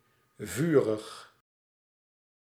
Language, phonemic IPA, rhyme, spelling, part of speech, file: Dutch, /ˈvy.rəx/, -yrəx, vurig, adjective, Nl-vurig.ogg
- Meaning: 1. fiery, ardent 2. enthusiastic